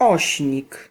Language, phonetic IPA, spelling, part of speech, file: Polish, [ˈɔɕɲik], ośnik, noun, Pl-ośnik.ogg